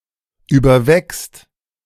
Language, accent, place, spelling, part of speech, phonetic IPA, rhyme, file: German, Germany, Berlin, überwächst, verb, [ˌyːbɐˈvɛkst], -ɛkst, De-überwächst.ogg
- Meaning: second/third-person singular present of überwachsen